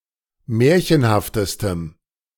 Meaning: strong dative masculine/neuter singular superlative degree of märchenhaft
- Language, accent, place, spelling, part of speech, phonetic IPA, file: German, Germany, Berlin, märchenhaftestem, adjective, [ˈmɛːɐ̯çənhaftəstəm], De-märchenhaftestem.ogg